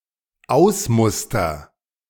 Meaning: first-person singular dependent present of ausmustern
- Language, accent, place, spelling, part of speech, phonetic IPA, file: German, Germany, Berlin, ausmuster, verb, [ˈaʊ̯sˌmʊstɐ], De-ausmuster.ogg